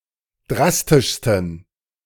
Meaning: 1. superlative degree of drastisch 2. inflection of drastisch: strong genitive masculine/neuter singular superlative degree
- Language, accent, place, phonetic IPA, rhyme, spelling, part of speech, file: German, Germany, Berlin, [ˈdʁastɪʃstn̩], -astɪʃstn̩, drastischsten, adjective, De-drastischsten.ogg